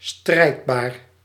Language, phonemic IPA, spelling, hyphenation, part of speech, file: Dutch, /ˈstrɛi̯t.baːr/, strijdbaar, strijd‧baar, adjective, Nl-strijdbaar.ogg
- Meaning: militant, combative